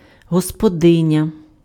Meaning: 1. landlady 2. hostess
- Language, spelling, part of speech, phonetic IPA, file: Ukrainian, господиня, noun, [ɦɔspɔˈdɪnʲɐ], Uk-господиня.ogg